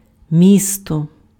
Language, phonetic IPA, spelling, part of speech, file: Ukrainian, [ˈmʲistɔ], місто, noun, Uk-місто.ogg
- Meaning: 1. city (large settlement) 2. town 3. place